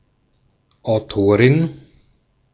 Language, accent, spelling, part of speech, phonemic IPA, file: German, Austria, Autorin, noun, /ʔaʊ̯ˈtoːʁɪn/, De-at-Autorin.ogg
- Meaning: 1. female equivalent of Autor (“author”): female author, authoress 2. feminine equivalent of Autor m (“author”)